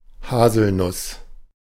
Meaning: hazelnut
- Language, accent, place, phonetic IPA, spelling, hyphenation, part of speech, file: German, Germany, Berlin, [ˈhaːzl̩ˌnʊs], Haselnuss, Ha‧sel‧nuss, noun, De-Haselnuss.ogg